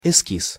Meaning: sketch, draft
- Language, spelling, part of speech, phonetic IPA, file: Russian, эскиз, noun, [ɪˈskʲis], Ru-эскиз.ogg